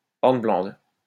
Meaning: hornblende
- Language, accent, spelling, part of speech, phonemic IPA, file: French, France, hornblende, noun, /ɔʁn.blɑ̃d/, LL-Q150 (fra)-hornblende.wav